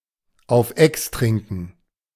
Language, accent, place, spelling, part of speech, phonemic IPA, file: German, Germany, Berlin, auf ex trinken, verb, /aʊ̯f ˈɛks ˌtrɪŋkən/, De-auf ex trinken.ogg
- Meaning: to down, to drink up in one draught